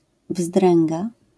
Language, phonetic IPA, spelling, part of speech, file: Polish, [ˈvzdrɛ̃ŋɡa], wzdręga, noun, LL-Q809 (pol)-wzdręga.wav